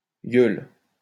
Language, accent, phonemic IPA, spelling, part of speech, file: French, France, /jœl/, yeule, noun, LL-Q150 (fra)-yeule.wav
- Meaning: gob (mouth)